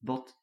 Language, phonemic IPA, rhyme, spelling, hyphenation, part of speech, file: Dutch, /bɔt/, -ɔt, bot, bot, adjective / noun, Nl-bot.ogg
- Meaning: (adjective) 1. not sharp, blunt, dull 2. impolite, badly behaving: curt, blunt, rude; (noun) 1. bone 2. flounder (a type of fish) 3. boot